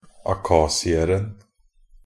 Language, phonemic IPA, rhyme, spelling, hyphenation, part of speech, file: Norwegian Bokmål, /aˈkɑːsɪərn̩/, -ərn̩, akhasieren, a‧khas‧i‧er‧en, noun, Nb-akhasieren.ogg
- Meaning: definite singular of akhasier